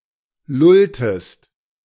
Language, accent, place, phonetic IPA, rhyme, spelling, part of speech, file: German, Germany, Berlin, [ˈlʊltəst], -ʊltəst, lulltest, verb, De-lulltest.ogg
- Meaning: inflection of lullen: 1. second-person singular preterite 2. second-person singular subjunctive II